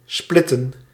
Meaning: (verb) to divide, to break up; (noun) plural of split
- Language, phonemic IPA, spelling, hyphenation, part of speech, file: Dutch, /ˈsplɪ.tə(n)/, splitten, split‧ten, verb / noun, Nl-splitten.ogg